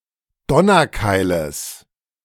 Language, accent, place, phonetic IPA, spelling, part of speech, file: German, Germany, Berlin, [ˈdɔnɐˌkaɪ̯ləs], Donnerkeiles, noun, De-Donnerkeiles.ogg
- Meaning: genitive singular of Donnerkeil